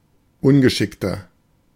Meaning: 1. comparative degree of ungeschickt 2. inflection of ungeschickt: strong/mixed nominative masculine singular 3. inflection of ungeschickt: strong genitive/dative feminine singular
- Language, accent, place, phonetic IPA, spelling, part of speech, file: German, Germany, Berlin, [ˈʊnɡəˌʃɪktɐ], ungeschickter, adjective, De-ungeschickter.ogg